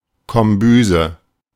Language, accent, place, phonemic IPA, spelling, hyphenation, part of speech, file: German, Germany, Berlin, /kɔmˈbyːzə/, Kombüse, Kom‧bü‧se, noun, De-Kombüse.ogg
- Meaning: galley (kitchen of a vessel or aircraft)